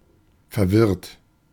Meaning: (verb) past participle of verwirren; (adjective) 1. confused 2. disoriented
- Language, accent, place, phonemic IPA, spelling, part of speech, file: German, Germany, Berlin, /fɛɐ̯ˈvɪʁt/, verwirrt, verb / adjective, De-verwirrt.ogg